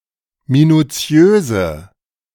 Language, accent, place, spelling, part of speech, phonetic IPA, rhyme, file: German, Germany, Berlin, minutiöse, adjective, [minuˈt͡si̯øːzə], -øːzə, De-minutiöse.ogg
- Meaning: inflection of minutiös: 1. strong/mixed nominative/accusative feminine singular 2. strong nominative/accusative plural 3. weak nominative all-gender singular